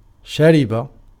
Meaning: to drink
- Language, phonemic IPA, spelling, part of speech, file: Arabic, /ʃa.ri.ba/, شرب, verb, Ar-شرب.ogg